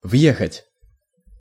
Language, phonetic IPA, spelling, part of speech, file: Russian, [ˈvjexətʲ], въехать, verb, Ru-въехать.ogg
- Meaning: 1. to enter (by vehicle), to ride in, to drive in, to go in(to) (by vehicle) 2. to move into (e.g. a new house) 3. to understand, to get